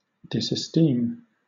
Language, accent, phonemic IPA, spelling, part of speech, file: English, Southern England, /ˌdɪsəˈstiːm/, disesteem, noun / verb, LL-Q1860 (eng)-disesteem.wav
- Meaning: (noun) Lack of esteem; disregard; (verb) To hold little or no esteem for; to consider worthless